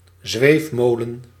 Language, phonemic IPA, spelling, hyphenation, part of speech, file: Dutch, /ˈzʋeːfˌmoː.lə(n)/, zweefmolen, zweef‧mo‧len, noun, Nl-zweefmolen.ogg
- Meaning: a swing carousel, a chairoplane